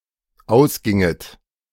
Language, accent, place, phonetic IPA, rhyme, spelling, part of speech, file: German, Germany, Berlin, [ˈaʊ̯sˌɡɪŋət], -aʊ̯sɡɪŋət, ausginget, verb, De-ausginget.ogg
- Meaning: second-person plural dependent subjunctive II of ausgehen